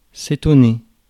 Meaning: to surprise
- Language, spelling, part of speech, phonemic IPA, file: French, étonner, verb, /e.tɔ.ne/, Fr-étonner.ogg